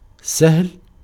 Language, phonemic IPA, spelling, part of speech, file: Arabic, /sahl/, سهل, adjective / noun, Ar-سهل.ogg
- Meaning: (adjective) 1. easy 2. flat; level; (noun) a plain, a grassland